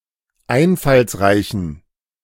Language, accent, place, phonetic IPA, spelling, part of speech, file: German, Germany, Berlin, [ˈaɪ̯nfalsˌʁaɪ̯çn̩], einfallsreichen, adjective, De-einfallsreichen.ogg
- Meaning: inflection of einfallsreich: 1. strong genitive masculine/neuter singular 2. weak/mixed genitive/dative all-gender singular 3. strong/weak/mixed accusative masculine singular 4. strong dative plural